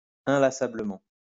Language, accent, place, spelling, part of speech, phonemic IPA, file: French, France, Lyon, inlassablement, adverb, /ɛ̃.la.sa.blə.mɑ̃/, LL-Q150 (fra)-inlassablement.wav
- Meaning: tirelessly